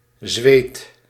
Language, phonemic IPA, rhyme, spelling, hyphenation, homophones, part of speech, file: Dutch, /zʋeːt/, -eːt, Zweed, Zweed, zweet, noun, Nl-Zweed.ogg
- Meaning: a Swede, person from Sweden